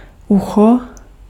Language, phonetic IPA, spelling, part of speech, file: Czech, [ˈuxo], ucho, noun, Cs-ucho.ogg
- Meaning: 1. ear (of a human, animal, puppet, humanoid robot, etc.) 2. anything resembling an ear: handle (of a pot, jug, garbage can, shopping bag, trophy, etc.)